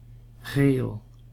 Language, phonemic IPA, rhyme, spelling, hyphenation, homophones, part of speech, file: Dutch, /ɣeːl/, -eːl, Geel, Geel, geel, proper noun, Nl-Geel.ogg
- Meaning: a city in Antwerp, Belgium